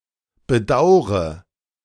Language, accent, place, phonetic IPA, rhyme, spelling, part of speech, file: German, Germany, Berlin, [bəˈdaʊ̯ʁə], -aʊ̯ʁə, bedaure, verb, De-bedaure.ogg
- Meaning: inflection of bedauern: 1. first-person singular present 2. first/third-person singular subjunctive I 3. singular imperative